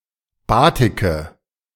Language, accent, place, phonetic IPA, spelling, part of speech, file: German, Germany, Berlin, [ˈbaːtɪkə], batike, verb, De-batike.ogg
- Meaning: inflection of batiken: 1. first-person singular present 2. first/third-person singular subjunctive I 3. singular imperative